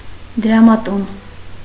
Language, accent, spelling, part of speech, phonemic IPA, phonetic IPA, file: Armenian, Eastern Armenian, դրամատուն, noun, /d(ə)ɾɑmɑˈtun/, [d(ə)ɾɑmɑtún], Hy-դրամատուն.ogg
- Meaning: bank (financial institution)